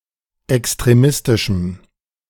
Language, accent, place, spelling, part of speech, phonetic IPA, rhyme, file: German, Germany, Berlin, extremistischem, adjective, [ɛkstʁeˈmɪstɪʃm̩], -ɪstɪʃm̩, De-extremistischem.ogg
- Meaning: strong dative masculine/neuter singular of extremistisch